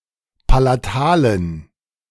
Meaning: inflection of palatal: 1. strong genitive masculine/neuter singular 2. weak/mixed genitive/dative all-gender singular 3. strong/weak/mixed accusative masculine singular 4. strong dative plural
- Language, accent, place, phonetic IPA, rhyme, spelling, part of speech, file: German, Germany, Berlin, [palaˈtaːlən], -aːlən, palatalen, adjective, De-palatalen.ogg